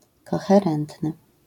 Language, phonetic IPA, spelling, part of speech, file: Polish, [ˌkɔxɛˈrɛ̃ntnɨ], koherentny, adjective, LL-Q809 (pol)-koherentny.wav